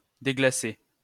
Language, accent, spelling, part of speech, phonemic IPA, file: French, France, déglacer, verb, /de.ɡla.se/, LL-Q150 (fra)-déglacer.wav
- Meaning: 1. to de-ice, remove ice from 2. to warm up, defrost (a cold person or animal) 3. to deglaze